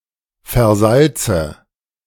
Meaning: inflection of versalzen: 1. first-person singular present 2. first/third-person singular subjunctive I 3. singular imperative
- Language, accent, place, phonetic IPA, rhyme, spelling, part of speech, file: German, Germany, Berlin, [fɛɐ̯ˈzalt͡sə], -alt͡sə, versalze, verb, De-versalze.ogg